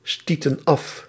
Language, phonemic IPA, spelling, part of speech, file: Dutch, /ˈstotə(n) ˈɑf/, stieten af, verb, Nl-stieten af.ogg
- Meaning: inflection of afstoten: 1. plural past indicative 2. plural past subjunctive